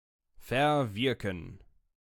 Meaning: to forfeit
- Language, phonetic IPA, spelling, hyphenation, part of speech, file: German, [fɛɐ̯ˈvɪʁkn̩], verwirken, ver‧wir‧ken, verb, De-verwirken.ogg